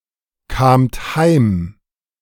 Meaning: second-person plural preterite of heimkommen
- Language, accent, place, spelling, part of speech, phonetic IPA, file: German, Germany, Berlin, kamt heim, verb, [ˌkaːmt ˈhaɪ̯m], De-kamt heim.ogg